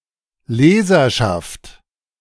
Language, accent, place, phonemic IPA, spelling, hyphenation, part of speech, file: German, Germany, Berlin, /ˈleːzɐʃaft/, Leserschaft, Le‧ser‧schaft, noun, De-Leserschaft.ogg
- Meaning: readership